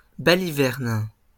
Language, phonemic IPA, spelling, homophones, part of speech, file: French, /ba.li.vɛʁn/, baliverne, balivernent / balivernes, noun / verb, LL-Q150 (fra)-baliverne.wav
- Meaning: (noun) trifle, nonsense; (verb) inflection of baliverner: 1. first/third-person singular present indicative/subjunctive 2. second-person singular imperative